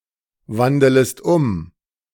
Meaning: second-person singular subjunctive I of umwandeln
- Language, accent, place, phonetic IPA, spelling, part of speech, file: German, Germany, Berlin, [ˌvandələst ˈʊm], wandelest um, verb, De-wandelest um.ogg